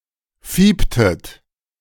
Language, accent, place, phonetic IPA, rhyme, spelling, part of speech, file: German, Germany, Berlin, [ˈfiːptət], -iːptət, fieptet, verb, De-fieptet.ogg
- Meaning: inflection of fiepen: 1. second-person plural preterite 2. second-person plural subjunctive II